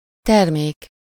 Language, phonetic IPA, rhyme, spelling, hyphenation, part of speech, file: Hungarian, [ˈtɛrmeːk], -eːk, termék, ter‧mék, noun, Hu-termék.ogg
- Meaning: product